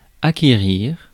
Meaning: 1. to acquire, to obtain 2. to purchase 3. to gain, to win (approval, etc.)
- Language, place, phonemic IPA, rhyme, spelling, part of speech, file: French, Paris, /a.ke.ʁiʁ/, -iʁ, acquérir, verb, Fr-acquérir.ogg